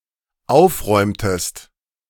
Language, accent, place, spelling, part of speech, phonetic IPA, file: German, Germany, Berlin, aufräumtest, verb, [ˈaʊ̯fˌʁɔɪ̯mtəst], De-aufräumtest.ogg
- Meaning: inflection of aufräumen: 1. second-person singular dependent preterite 2. second-person singular dependent subjunctive II